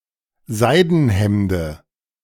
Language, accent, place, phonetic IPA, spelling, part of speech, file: German, Germany, Berlin, [ˈzaɪ̯dn̩ˌhɛmdə], Seidenhemde, noun, De-Seidenhemde.ogg
- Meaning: dative of Seidenhemd